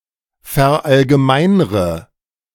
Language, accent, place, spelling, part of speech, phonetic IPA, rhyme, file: German, Germany, Berlin, verallgemeinre, verb, [fɛɐ̯ʔalɡəˈmaɪ̯nʁə], -aɪ̯nʁə, De-verallgemeinre.ogg
- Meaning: inflection of verallgemeinern: 1. first-person singular present 2. first/third-person singular subjunctive I 3. singular imperative